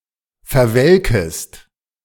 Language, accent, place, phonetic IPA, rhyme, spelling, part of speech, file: German, Germany, Berlin, [fɛɐ̯ˈvɛlkəst], -ɛlkəst, verwelkest, verb, De-verwelkest.ogg
- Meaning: second-person singular subjunctive I of verwelken